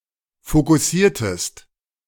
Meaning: inflection of fokussieren: 1. second-person singular preterite 2. second-person singular subjunctive II
- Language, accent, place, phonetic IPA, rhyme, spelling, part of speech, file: German, Germany, Berlin, [fokʊˈsiːɐ̯təst], -iːɐ̯təst, fokussiertest, verb, De-fokussiertest.ogg